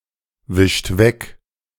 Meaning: inflection of wegwischen: 1. second-person plural present 2. third-person singular present 3. plural imperative
- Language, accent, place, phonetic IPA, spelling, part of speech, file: German, Germany, Berlin, [ˌvɪʃt ˈvɛk], wischt weg, verb, De-wischt weg.ogg